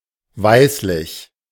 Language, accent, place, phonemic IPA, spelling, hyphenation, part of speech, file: German, Germany, Berlin, /ˈvaɪ̯slɪç/, weißlich, weiß‧lich, adjective, De-weißlich.ogg
- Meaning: whitish